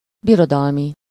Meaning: imperial
- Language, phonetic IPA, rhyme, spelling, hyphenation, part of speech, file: Hungarian, [ˈbirodɒlmi], -mi, birodalmi, bi‧ro‧dal‧mi, adjective, Hu-birodalmi.ogg